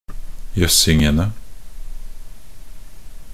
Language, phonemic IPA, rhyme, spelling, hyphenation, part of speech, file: Norwegian Bokmål, /ˈjœsːɪŋənə/, -ənə, jøssingene, jøss‧ing‧en‧e, noun, Nb-jøssingene.ogg
- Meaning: definite plural of jøssing